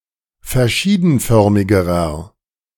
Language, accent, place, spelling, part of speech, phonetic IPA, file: German, Germany, Berlin, verschiedenförmigerer, adjective, [fɛɐ̯ˈʃiːdn̩ˌfœʁmɪɡəʁɐ], De-verschiedenförmigerer.ogg
- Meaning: inflection of verschiedenförmig: 1. strong/mixed nominative masculine singular comparative degree 2. strong genitive/dative feminine singular comparative degree